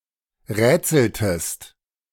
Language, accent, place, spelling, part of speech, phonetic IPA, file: German, Germany, Berlin, rätseltest, verb, [ˈʁɛːt͡sl̩təst], De-rätseltest.ogg
- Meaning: inflection of rätseln: 1. second-person singular preterite 2. second-person singular subjunctive II